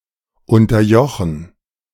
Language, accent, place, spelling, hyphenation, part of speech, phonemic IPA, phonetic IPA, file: German, Germany, Berlin, unterjochen, un‧ter‧jo‧chen, verb, /ˌʊntɐˈjɔxən/, [ˌʊntɐˈjɔxn̩], De-unterjochen.ogg
- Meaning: to subjugate